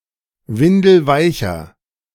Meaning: inflection of windelweich: 1. strong/mixed nominative masculine singular 2. strong genitive/dative feminine singular 3. strong genitive plural
- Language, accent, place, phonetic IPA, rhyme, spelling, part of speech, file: German, Germany, Berlin, [ˈvɪndl̩ˈvaɪ̯çɐ], -aɪ̯çɐ, windelweicher, adjective, De-windelweicher.ogg